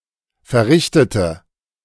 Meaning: inflection of verrichten: 1. first/third-person singular preterite 2. first/third-person singular subjunctive II
- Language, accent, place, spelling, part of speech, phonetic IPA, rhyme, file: German, Germany, Berlin, verrichtete, adjective / verb, [fɛɐ̯ˈʁɪçtətə], -ɪçtətə, De-verrichtete.ogg